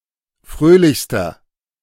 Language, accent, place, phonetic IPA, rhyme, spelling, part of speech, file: German, Germany, Berlin, [ˈfʁøːlɪçstɐ], -øːlɪçstɐ, fröhlichster, adjective, De-fröhlichster.ogg
- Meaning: inflection of fröhlich: 1. strong/mixed nominative masculine singular superlative degree 2. strong genitive/dative feminine singular superlative degree 3. strong genitive plural superlative degree